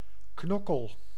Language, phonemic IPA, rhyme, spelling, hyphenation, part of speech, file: Dutch, /ˈknɔ.kəl/, -ɔkəl, knokkel, knok‧kel, noun, Nl-knokkel.ogg
- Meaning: finger-joint; knuckle